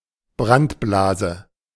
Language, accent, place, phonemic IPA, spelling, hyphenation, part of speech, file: German, Germany, Berlin, /ˈbʁantˌblaːzə/, Brandblase, Brand‧bla‧se, noun, De-Brandblase.ogg
- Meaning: burn blister, blister from a burn